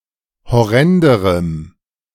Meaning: strong dative masculine/neuter singular comparative degree of horrend
- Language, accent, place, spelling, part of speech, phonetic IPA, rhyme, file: German, Germany, Berlin, horrenderem, adjective, [hɔˈʁɛndəʁəm], -ɛndəʁəm, De-horrenderem.ogg